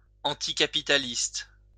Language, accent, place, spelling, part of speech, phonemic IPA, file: French, France, Lyon, anticapitaliste, adjective / noun, /ɑ̃.ti.ka.pi.ta.list/, LL-Q150 (fra)-anticapitaliste.wav
- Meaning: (adjective) anticapitalist